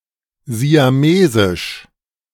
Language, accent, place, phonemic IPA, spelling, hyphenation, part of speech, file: German, Germany, Berlin, /zi̯aˈmezɪʃ/, siamesisch, si‧a‧me‧sisch, adjective, De-siamesisch.ogg
- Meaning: Siamese